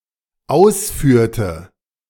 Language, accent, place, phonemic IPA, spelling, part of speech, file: German, Germany, Berlin, /ˈaʊsfyːɐ̯tə/, ausführte, verb, De-ausführte.ogg
- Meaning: inflection of ausführen: 1. first/third-person singular dependent preterite 2. first/third-person singular dependent subjunctive II